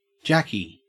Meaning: 1. A sailor 2. English gin
- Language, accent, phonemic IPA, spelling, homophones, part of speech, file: English, Australia, /ˈd͡ʒæki/, jacky, Jackie, noun, En-au-jacky.ogg